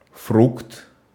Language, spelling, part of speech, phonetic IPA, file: Russian, фрукт, noun, [frukt], Ru-фрукт.ogg
- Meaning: fruit